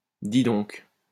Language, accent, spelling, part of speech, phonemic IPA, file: French, France, dis donc, interjection, /di dɔ̃(k)/, LL-Q150 (fra)-dis donc.wav
- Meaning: 1. wow; my 2. so; listen up